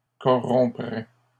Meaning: first/second-person singular conditional of corrompre
- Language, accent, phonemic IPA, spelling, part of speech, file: French, Canada, /kɔ.ʁɔ̃.pʁɛ/, corromprais, verb, LL-Q150 (fra)-corromprais.wav